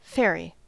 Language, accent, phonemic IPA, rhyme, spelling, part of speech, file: English, US, /ˈfɛɹi/, -ɛɹi, ferry, verb / noun, En-us-ferry.ogg
- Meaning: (verb) 1. To carry; transport; convey 2. To move someone or something from one place to another, usually repeatedly